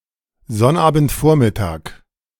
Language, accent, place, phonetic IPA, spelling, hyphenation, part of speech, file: German, Germany, Berlin, [ˈzɔnʔaːbn̩tˌfoːɐ̯mɪtaːk], Sonnabendvormittag, Sonn‧abend‧vor‧mit‧tag, noun, De-Sonnabendvormittag.ogg
- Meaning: Saturday morning (time before noon)